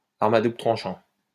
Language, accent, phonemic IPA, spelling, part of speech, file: French, France, /aʁ.m‿a du.blə tʁɑ̃.ʃɑ̃/, arme à double tranchant, noun, LL-Q150 (fra)-arme à double tranchant.wav
- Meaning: double-edged sword